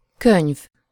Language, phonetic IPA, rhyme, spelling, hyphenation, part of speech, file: Hungarian, [ˈkøɲv], -øɲv, könyv, könyv, noun, Hu-könyv.ogg
- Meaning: 1. book 2. obsolete form of könny (“tear[drop]”)